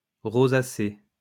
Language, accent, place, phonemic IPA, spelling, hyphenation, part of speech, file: French, France, Lyon, /ʁo.za.se/, rosacée, ro‧sa‧cée, noun, LL-Q150 (fra)-rosacée.wav
- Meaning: rosacea (chronic condition)